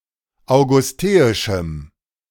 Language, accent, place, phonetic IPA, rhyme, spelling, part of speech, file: German, Germany, Berlin, [aʊ̯ɡʊsˈteːɪʃm̩], -eːɪʃm̩, augusteischem, adjective, De-augusteischem.ogg
- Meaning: strong dative masculine/neuter singular of augusteisch